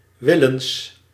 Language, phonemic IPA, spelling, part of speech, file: Dutch, /ˈwɪlə(n)s/, willens, adverb, Nl-willens.ogg
- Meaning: willingly, deliberately